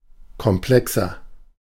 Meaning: inflection of komplex: 1. strong/mixed nominative masculine singular 2. strong genitive/dative feminine singular 3. strong genitive plural
- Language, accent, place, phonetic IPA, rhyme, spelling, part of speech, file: German, Germany, Berlin, [kɔmˈplɛksɐ], -ɛksɐ, komplexer, adjective, De-komplexer.ogg